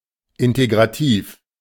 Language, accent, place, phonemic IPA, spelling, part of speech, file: German, Germany, Berlin, /ˌɪnteɡʁaˈtiːf/, integrativ, adjective, De-integrativ.ogg
- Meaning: integrated, holistic, integrative